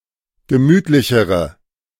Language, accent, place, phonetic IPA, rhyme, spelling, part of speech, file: German, Germany, Berlin, [ɡəˈmyːtlɪçəʁə], -yːtlɪçəʁə, gemütlichere, adjective, De-gemütlichere.ogg
- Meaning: inflection of gemütlich: 1. strong/mixed nominative/accusative feminine singular comparative degree 2. strong nominative/accusative plural comparative degree